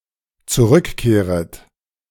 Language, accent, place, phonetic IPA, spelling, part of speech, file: German, Germany, Berlin, [t͡suˈʁʏkˌkeːʁət], zurückkehret, verb, De-zurückkehret.ogg
- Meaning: second-person plural dependent subjunctive I of zurückkehren